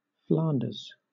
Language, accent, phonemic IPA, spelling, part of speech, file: English, Southern England, /ˈflɑːn.dəz/, Flanders, proper noun, LL-Q1860 (eng)-Flanders.wav
- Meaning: 1. A cultural region in the north of Belgium 2. A historical county of Western Europe; in full, County of Flanders 3. A region of Belgium. Official name: Flemish Region